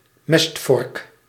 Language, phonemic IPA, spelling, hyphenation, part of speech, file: Dutch, /ˈmɛst.vɔrk/, mestvork, mest‧vork, noun, Nl-mestvork.ogg
- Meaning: pitchfork